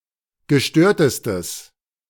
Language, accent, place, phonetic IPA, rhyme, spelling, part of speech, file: German, Germany, Berlin, [ɡəˈʃtøːɐ̯təstəs], -øːɐ̯təstəs, gestörtestes, adjective, De-gestörtestes.ogg
- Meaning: strong/mixed nominative/accusative neuter singular superlative degree of gestört